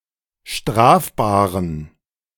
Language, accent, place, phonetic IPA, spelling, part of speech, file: German, Germany, Berlin, [ˈʃtʁaːfbaːʁən], strafbaren, adjective, De-strafbaren.ogg
- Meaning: inflection of strafbar: 1. strong genitive masculine/neuter singular 2. weak/mixed genitive/dative all-gender singular 3. strong/weak/mixed accusative masculine singular 4. strong dative plural